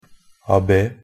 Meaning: 1. an abbé (a French abbot, the (male) head of an abbey) 2. an abbé (an honorific title for a member of the French clergy)
- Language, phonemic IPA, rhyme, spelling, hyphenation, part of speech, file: Norwegian Bokmål, /aˈbɛ/, -ɛ, abbé, a‧bbé, noun, Nb-abbé.ogg